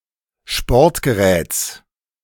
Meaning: genitive of Sportgerät
- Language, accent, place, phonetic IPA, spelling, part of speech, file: German, Germany, Berlin, [ˈʃpɔʁtɡəˌʁɛːt͡s], Sportgeräts, noun, De-Sportgeräts.ogg